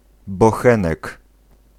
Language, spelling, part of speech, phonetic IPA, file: Polish, bochenek, noun, [bɔˈxɛ̃nɛk], Pl-bochenek.ogg